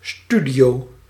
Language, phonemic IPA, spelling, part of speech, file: Dutch, /ˈstydioː/, studio, noun, Nl-studio.ogg
- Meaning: 1. a studio flat/apartment 2. studio (place where radio or television programs, records or films are made)